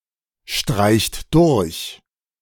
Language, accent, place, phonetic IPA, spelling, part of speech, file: German, Germany, Berlin, [ˌʃtʁaɪ̯çt ˈdʊʁç], streicht durch, verb, De-streicht durch.ogg
- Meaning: inflection of durchstreichen: 1. third-person singular present 2. second-person plural present 3. plural imperative